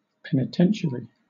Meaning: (noun) 1. A state or federal prison for convicted felons; (loosely) a prison 2. A priest in the Roman Catholic Church who administers the sacrament of penance
- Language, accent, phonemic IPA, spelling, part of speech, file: English, Southern England, /ˌpɛnɪˈtɛnʃəɹi/, penitentiary, noun / adjective, LL-Q1860 (eng)-penitentiary.wav